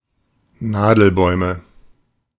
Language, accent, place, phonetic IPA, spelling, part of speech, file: German, Germany, Berlin, [ˈnaːdl̩ˌbɔɪ̯mə], Nadelbäume, noun, De-Nadelbäume.ogg
- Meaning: nominative/accusative/genitive plural of Nadelbaum